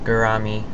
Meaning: An edible freshwater fish of the family Osphronemidae
- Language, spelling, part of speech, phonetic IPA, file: English, gourami, noun, [ɡɚˈɑmɪj], En-gourami.oga